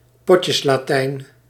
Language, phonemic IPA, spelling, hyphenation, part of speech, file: Dutch, /ˈpɔt.jəs.laːˌtɛi̯n/, potjeslatijn, pot‧jes‧la‧tijn, noun, Nl-potjeslatijn.ogg
- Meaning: 1. Latin used to label jars and bottles, originally to avoid confusion about the contents, but later as a form of jargon 2. Dog Latin, macaronic Latin